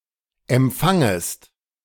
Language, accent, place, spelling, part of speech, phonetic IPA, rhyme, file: German, Germany, Berlin, empfangest, verb, [ɛmˈp͡faŋəst], -aŋəst, De-empfangest.ogg
- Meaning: second-person singular subjunctive I of empfangen